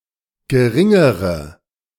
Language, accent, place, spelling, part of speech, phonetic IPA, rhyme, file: German, Germany, Berlin, geringere, adjective, [ɡəˈʁɪŋəʁə], -ɪŋəʁə, De-geringere.ogg
- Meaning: inflection of gering: 1. strong/mixed nominative/accusative feminine singular comparative degree 2. strong nominative/accusative plural comparative degree